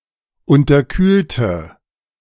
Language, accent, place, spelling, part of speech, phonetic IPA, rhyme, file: German, Germany, Berlin, unterkühlte, adjective / verb, [ˌʊntɐˈkyːltə], -yːltə, De-unterkühlte.ogg
- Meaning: inflection of unterkühlt: 1. strong/mixed nominative/accusative feminine singular 2. strong nominative/accusative plural 3. weak nominative all-gender singular